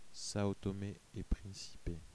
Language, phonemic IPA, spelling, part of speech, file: French, /sa.o.tɔ.me e pʁin.si.pe/, Sao Tomé-et-Principe, proper noun, Fr-Sao Tomé-et-Principe.ogg
- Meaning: São Tomé and Príncipe (a country and archipelago of Central Africa in the Atlantic Ocean)